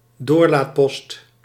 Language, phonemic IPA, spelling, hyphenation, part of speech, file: Dutch, /ˈdoːr.laːtˌpɔst/, doorlaatpost, door‧laat‧post, noun, Nl-doorlaatpost.ogg
- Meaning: checkpoint